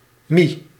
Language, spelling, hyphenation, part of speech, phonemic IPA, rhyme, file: Dutch, mie, mie, noun, /mi/, -i, Nl-mie.ogg
- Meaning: 1. woman 2. Chinese-style wheat noodle (e.g. ramen)